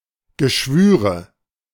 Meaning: nominative/accusative/genitive plural of Geschwür
- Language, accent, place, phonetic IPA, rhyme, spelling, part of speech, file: German, Germany, Berlin, [ɡəˈʃvyːʁə], -yːʁə, Geschwüre, noun, De-Geschwüre.ogg